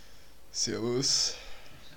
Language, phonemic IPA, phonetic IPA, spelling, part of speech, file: German, /ˈzɛrvʊs/, [ˈsɛɐ̯.ʋus], servus, interjection, De-servus.ogg
- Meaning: 1. hello, hi 2. goodbye, bye, farewell 3. cheers